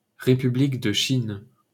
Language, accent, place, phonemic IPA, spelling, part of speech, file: French, France, Paris, /ʁe.py.blik də ʃin/, République de Chine, proper noun, LL-Q150 (fra)-République de Chine.wav
- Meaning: Republic of China (official name of Taiwan: a partly-recognized country in East Asia; the rump state left over from the Republic of China on the mainland after 1949)